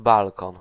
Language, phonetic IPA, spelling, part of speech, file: Polish, [ˈbalkɔ̃n], balkon, noun, Pl-balkon.ogg